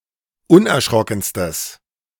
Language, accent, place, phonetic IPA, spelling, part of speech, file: German, Germany, Berlin, [ˈʊnʔɛɐ̯ˌʃʁɔkn̩stəs], unerschrockenstes, adjective, De-unerschrockenstes.ogg
- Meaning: strong/mixed nominative/accusative neuter singular superlative degree of unerschrocken